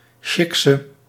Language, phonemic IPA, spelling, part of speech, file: Dutch, /ˈʃɪksə/, sjikse, noun, Nl-sjikse.ogg
- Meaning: shiksa